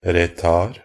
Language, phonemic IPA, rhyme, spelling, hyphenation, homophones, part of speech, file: Norwegian Bokmål, /rəˈtɑːr/, -ɑːr, retard, ret‧ard, R / r, noun, Nb-retard.ogg
- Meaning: side in a clockwork to which the adjustment indicator must be set to make the clock go slower